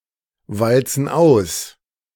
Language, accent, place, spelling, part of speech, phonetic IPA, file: German, Germany, Berlin, walzen aus, verb, [ˌvalt͡sn̩ ˈaʊ̯s], De-walzen aus.ogg
- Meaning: inflection of auswalzen: 1. first/third-person plural present 2. first/third-person plural subjunctive I